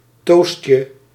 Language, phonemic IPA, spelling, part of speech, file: Dutch, /ˈtos(t)jə/, toastje, noun, Nl-toastje.ogg
- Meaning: diminutive of toast